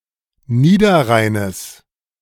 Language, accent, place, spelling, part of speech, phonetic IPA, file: German, Germany, Berlin, Niederrheines, noun, [ˈniːdɐˌʁaɪ̯nəs], De-Niederrheines.ogg
- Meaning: genitive singular of Niederrhein